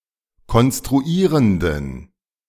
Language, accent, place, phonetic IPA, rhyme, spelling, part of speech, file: German, Germany, Berlin, [kɔnstʁuˈiːʁəndn̩], -iːʁəndn̩, konstruierenden, adjective, De-konstruierenden.ogg
- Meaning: inflection of konstruierend: 1. strong genitive masculine/neuter singular 2. weak/mixed genitive/dative all-gender singular 3. strong/weak/mixed accusative masculine singular 4. strong dative plural